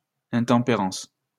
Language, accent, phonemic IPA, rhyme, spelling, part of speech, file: French, France, /ɛ̃.tɑ̃.pe.ʁɑ̃s/, -ɑ̃s, intempérance, noun, LL-Q150 (fra)-intempérance.wav
- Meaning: 1. intemperance 2. overindulgence